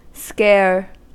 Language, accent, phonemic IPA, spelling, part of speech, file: English, US, /skɛɚ/, scare, noun / verb / adjective, En-us-scare.ogg
- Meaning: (noun) 1. A minor fright 2. A cause of terror or alarm; a panic; something that inspires fear or dread 3. A device or object used to frighten